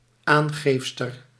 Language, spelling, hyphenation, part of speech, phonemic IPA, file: Dutch, aangeefster, aan‧geef‧ster, noun, /ˈaːnˌɣeːf.stər/, Nl-aangeefster.ogg
- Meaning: female equivalent of aangever